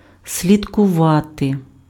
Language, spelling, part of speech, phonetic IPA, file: Ukrainian, слідкувати, verb, [sʲlʲidkʊˈʋate], Uk-слідкувати.ogg
- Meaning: to follow, to track, to trace